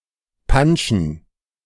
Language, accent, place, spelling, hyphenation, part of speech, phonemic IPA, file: German, Germany, Berlin, panschen, pan‧schen, verb, /ˈpanʃən/, De-panschen.ogg
- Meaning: to adulterate a liquid or substance, especially alcoholic drink, by mixing it with something inferior